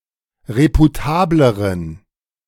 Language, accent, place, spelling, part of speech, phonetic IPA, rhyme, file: German, Germany, Berlin, reputableren, adjective, [ˌʁepuˈtaːbləʁən], -aːbləʁən, De-reputableren.ogg
- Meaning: inflection of reputabel: 1. strong genitive masculine/neuter singular comparative degree 2. weak/mixed genitive/dative all-gender singular comparative degree